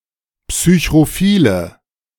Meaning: inflection of psychrophil: 1. strong/mixed nominative/accusative feminine singular 2. strong nominative/accusative plural 3. weak nominative all-gender singular
- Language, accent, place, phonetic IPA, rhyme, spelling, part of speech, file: German, Germany, Berlin, [psyçʁoˈfiːlə], -iːlə, psychrophile, adjective, De-psychrophile.ogg